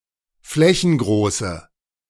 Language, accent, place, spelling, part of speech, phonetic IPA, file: German, Germany, Berlin, flächengroße, adjective, [ˈflɛçn̩ˌɡʁoːsə], De-flächengroße.ogg
- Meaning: inflection of flächengroß: 1. strong/mixed nominative/accusative feminine singular 2. strong nominative/accusative plural 3. weak nominative all-gender singular